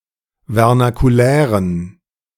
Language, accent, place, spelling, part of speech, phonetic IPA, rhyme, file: German, Germany, Berlin, vernakulären, adjective, [vɛʁnakuˈlɛːʁən], -ɛːʁən, De-vernakulären.ogg
- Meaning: inflection of vernakulär: 1. strong genitive masculine/neuter singular 2. weak/mixed genitive/dative all-gender singular 3. strong/weak/mixed accusative masculine singular 4. strong dative plural